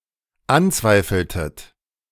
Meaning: inflection of anzweifeln: 1. second-person plural dependent preterite 2. second-person plural dependent subjunctive II
- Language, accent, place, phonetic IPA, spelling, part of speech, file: German, Germany, Berlin, [ˈanˌt͡svaɪ̯fl̩tət], anzweifeltet, verb, De-anzweifeltet.ogg